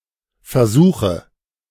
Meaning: nominative/accusative/genitive plural of Versuch
- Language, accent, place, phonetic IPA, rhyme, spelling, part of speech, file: German, Germany, Berlin, [fɛɐ̯ˈzuːxə], -uːxə, Versuche, noun, De-Versuche.ogg